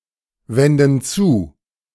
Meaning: inflection of zuwenden: 1. first/third-person plural present 2. first/third-person plural subjunctive I
- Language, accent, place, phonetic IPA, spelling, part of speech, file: German, Germany, Berlin, [ˌvɛndn̩ ˈt͡suː], wenden zu, verb, De-wenden zu.ogg